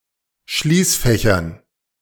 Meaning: dative plural of Schließfach
- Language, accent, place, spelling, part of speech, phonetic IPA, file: German, Germany, Berlin, Schließfächern, noun, [ˈʃliːsˌfɛçɐn], De-Schließfächern.ogg